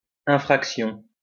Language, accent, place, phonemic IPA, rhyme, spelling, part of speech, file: French, France, Lyon, /ɛ̃.fʁak.sjɔ̃/, -ɔ̃, infraction, noun, LL-Q150 (fra)-infraction.wav
- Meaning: 1. offense (US), departure 2. infringement, infraction